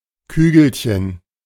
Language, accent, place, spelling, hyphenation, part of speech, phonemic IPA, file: German, Germany, Berlin, Kügelchen, Kü‧gel‧chen, noun, /ˈkyːɡl̩çən/, De-Kügelchen.ogg
- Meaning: diminutive of Kugel